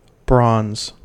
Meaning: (noun) 1. A naturally occurring or man-made alloy of copper, usually in combination with tin, but also with one or more other metals 2. A reddish-brown colour, the colour of bronze
- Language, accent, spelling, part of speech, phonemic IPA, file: English, US, bronze, noun / adjective / verb, /bɹɑnz/, En-us-bronze.ogg